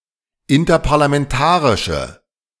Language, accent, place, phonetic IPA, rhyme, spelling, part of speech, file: German, Germany, Berlin, [ɪntɐpaʁlamɛnˈtaːʁɪʃə], -aːʁɪʃə, interparlamentarische, adjective, De-interparlamentarische.ogg
- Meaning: inflection of interparlamentarisch: 1. strong/mixed nominative/accusative feminine singular 2. strong nominative/accusative plural 3. weak nominative all-gender singular